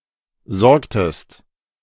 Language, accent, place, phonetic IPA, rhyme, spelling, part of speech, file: German, Germany, Berlin, [ˈzɔʁktəst], -ɔʁktəst, sorgtest, verb, De-sorgtest.ogg
- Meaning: inflection of sorgen: 1. second-person singular preterite 2. second-person singular subjunctive II